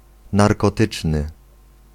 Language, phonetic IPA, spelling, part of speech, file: Polish, [ˌnarkɔˈtɨt͡ʃnɨ], narkotyczny, adjective, Pl-narkotyczny.ogg